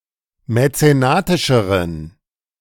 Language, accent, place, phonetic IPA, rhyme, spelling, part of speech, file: German, Germany, Berlin, [mɛt͡seˈnaːtɪʃəʁən], -aːtɪʃəʁən, mäzenatischeren, adjective, De-mäzenatischeren.ogg
- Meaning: inflection of mäzenatisch: 1. strong genitive masculine/neuter singular comparative degree 2. weak/mixed genitive/dative all-gender singular comparative degree